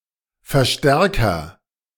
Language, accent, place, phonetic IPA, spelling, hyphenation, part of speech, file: German, Germany, Berlin, [fɛɐ̯ˈʃtɛʁkɐ], Verstärker, Ver‧stär‧ker, noun, De-Verstärker.ogg
- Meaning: 1. amplifier 2. reinforcer